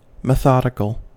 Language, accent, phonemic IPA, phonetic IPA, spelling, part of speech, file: English, US, /mɪˈθɑdɪkəl/, [mɪˈθɑɾɪkəɫ], methodical, adjective, En-us-methodical.ogg
- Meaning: In an organized manner; proceeding with regard to method; systematic